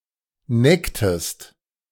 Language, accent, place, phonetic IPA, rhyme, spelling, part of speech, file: German, Germany, Berlin, [ˈnɛktəst], -ɛktəst, necktest, verb, De-necktest.ogg
- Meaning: inflection of necken: 1. second-person singular preterite 2. second-person singular subjunctive II